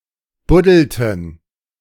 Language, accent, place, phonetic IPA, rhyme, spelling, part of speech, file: German, Germany, Berlin, [ˈbʊdl̩tn̩], -ʊdl̩tn̩, buddelten, verb, De-buddelten.ogg
- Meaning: inflection of buddeln: 1. first/third-person plural preterite 2. first/third-person plural subjunctive II